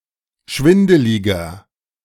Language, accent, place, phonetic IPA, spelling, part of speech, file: German, Germany, Berlin, [ˈʃvɪndəlɪɡɐ], schwindeliger, adjective, De-schwindeliger.ogg
- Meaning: 1. comparative degree of schwindelig 2. inflection of schwindelig: strong/mixed nominative masculine singular 3. inflection of schwindelig: strong genitive/dative feminine singular